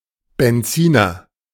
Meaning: 1. a car with a gasoline engine (petrol engine) 2. a gasoline engine (petrol engine)
- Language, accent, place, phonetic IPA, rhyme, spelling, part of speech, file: German, Germany, Berlin, [bɛnˈt͡siːnɐ], -iːnɐ, Benziner, noun, De-Benziner.ogg